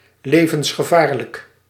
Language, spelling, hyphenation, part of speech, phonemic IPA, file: Dutch, levensgevaarlijk, le‧vens‧ge‧vaar‧lijk, adjective, /ˌleː.və(n)s.xəˈvaːr.lək/, Nl-levensgevaarlijk.ogg
- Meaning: life-threateningly dangerous